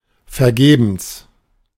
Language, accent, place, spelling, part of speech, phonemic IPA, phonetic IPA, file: German, Germany, Berlin, vergebens, adverb, /fɛrˈɡeːbəns/, [fɛɐ̯ˈɡeːbm̩s], De-vergebens.ogg
- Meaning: in vain (without success)